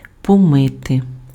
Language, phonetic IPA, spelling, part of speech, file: Ukrainian, [pɔˈmɪte], помити, verb, Uk-помити.ogg
- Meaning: to wash (clean with water)